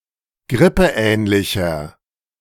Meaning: inflection of grippeähnlich: 1. strong/mixed nominative masculine singular 2. strong genitive/dative feminine singular 3. strong genitive plural
- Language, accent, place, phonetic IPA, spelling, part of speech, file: German, Germany, Berlin, [ˈɡʁɪpəˌʔɛːnlɪçɐ], grippeähnlicher, adjective, De-grippeähnlicher.ogg